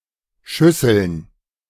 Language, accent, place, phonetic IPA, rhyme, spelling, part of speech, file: German, Germany, Berlin, [ˈʃʏsl̩n], -ʏsl̩n, Schüsseln, noun, De-Schüsseln.ogg
- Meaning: plural of Schüssel